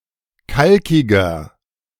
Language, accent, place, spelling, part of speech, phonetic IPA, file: German, Germany, Berlin, kalkiger, adjective, [ˈkalkɪɡɐ], De-kalkiger.ogg
- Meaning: inflection of kalkig: 1. strong/mixed nominative masculine singular 2. strong genitive/dative feminine singular 3. strong genitive plural